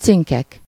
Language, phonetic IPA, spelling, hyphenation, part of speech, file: Hungarian, [ˈt͡siŋkɛk], cinkek, cin‧kek, noun, Hu-cinkek.ogg
- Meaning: nominative plural of cink